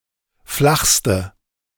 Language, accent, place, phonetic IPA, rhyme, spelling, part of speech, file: German, Germany, Berlin, [ˈflaxstə], -axstə, flachste, adjective, De-flachste.ogg
- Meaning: inflection of flach: 1. strong/mixed nominative/accusative feminine singular superlative degree 2. strong nominative/accusative plural superlative degree